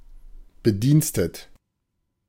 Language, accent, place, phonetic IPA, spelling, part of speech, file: German, Germany, Berlin, [bəˈdiːnstət], bedienstet, adjective, De-bedienstet.ogg
- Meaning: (verb) past participle of bediensten; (adjective) employed, on duty